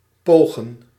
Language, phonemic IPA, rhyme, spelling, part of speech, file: Dutch, /ˈpoː.ɣən/, -oːɣən, pogen, verb, Nl-pogen.ogg
- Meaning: to attempt